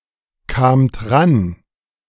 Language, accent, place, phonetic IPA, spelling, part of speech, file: German, Germany, Berlin, [ˌkaːmt ˈʁan], kamt ran, verb, De-kamt ran.ogg
- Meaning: second-person plural preterite of rankommen